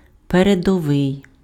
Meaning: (adjective) 1. forward, in the vanguard 2. advanced, leading 3. elite 4. progressive; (noun) leader, member of the elite
- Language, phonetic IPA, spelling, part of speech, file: Ukrainian, [peredɔˈʋɪi̯], передовий, adjective / noun, Uk-передовий.ogg